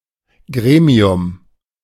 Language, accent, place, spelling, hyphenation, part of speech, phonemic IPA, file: German, Germany, Berlin, Gremium, Gre‧mi‧um, noun, /ˈɡʁeː.mi̯ʊm/, De-Gremium.ogg
- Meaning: committee, commission, panel (select circle of people tasked with solving a specific problem; often in politics and administration)